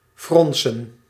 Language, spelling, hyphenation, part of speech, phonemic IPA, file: Dutch, fronsen, fron‧sen, verb, /ˈfrɔn.sə(n)/, Nl-fronsen.ogg
- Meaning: to frown, to furrow